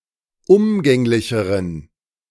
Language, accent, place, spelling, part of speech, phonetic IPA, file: German, Germany, Berlin, umgänglicheren, adjective, [ˈʊmɡɛŋlɪçəʁən], De-umgänglicheren.ogg
- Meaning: inflection of umgänglich: 1. strong genitive masculine/neuter singular comparative degree 2. weak/mixed genitive/dative all-gender singular comparative degree